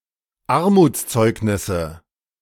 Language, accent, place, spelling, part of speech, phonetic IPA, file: German, Germany, Berlin, Armutszeugnisse, noun, [ˈaʁmuːt͡sˌt͡sɔɪ̯knɪsə], De-Armutszeugnisse.ogg
- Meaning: nominative/accusative/genitive plural of Armutszeugnis